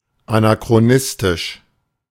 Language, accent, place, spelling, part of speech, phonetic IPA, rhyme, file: German, Germany, Berlin, anachronistisch, adjective, [anakʁoˈnɪstɪʃ], -ɪstɪʃ, De-anachronistisch.ogg
- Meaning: anachronistic